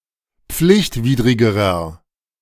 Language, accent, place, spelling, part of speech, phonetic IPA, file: German, Germany, Berlin, pflichtwidrigerer, adjective, [ˈp͡flɪçtˌviːdʁɪɡəʁɐ], De-pflichtwidrigerer.ogg
- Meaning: inflection of pflichtwidrig: 1. strong/mixed nominative masculine singular comparative degree 2. strong genitive/dative feminine singular comparative degree